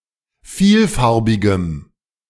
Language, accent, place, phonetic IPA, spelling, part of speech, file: German, Germany, Berlin, [ˈfiːlˌfaʁbɪɡəm], vielfarbigem, adjective, De-vielfarbigem.ogg
- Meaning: strong dative masculine/neuter singular of vielfarbig